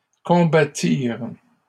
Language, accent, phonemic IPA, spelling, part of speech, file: French, Canada, /kɔ̃.ba.tiʁ/, combattirent, verb, LL-Q150 (fra)-combattirent.wav
- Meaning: third-person plural past historic of combattre